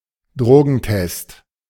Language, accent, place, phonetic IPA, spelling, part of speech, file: German, Germany, Berlin, [ˈdʁoːɡn̩ˌtɛst], Drogentest, noun, De-Drogentest.ogg
- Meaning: drug test